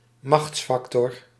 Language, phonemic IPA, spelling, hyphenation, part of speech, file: Dutch, /ˈmɑxtsˌfɑk.tɔr/, machtsfactor, machts‧fac‧tor, noun, Nl-machtsfactor.ogg
- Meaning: a power factor (actor with considerable power)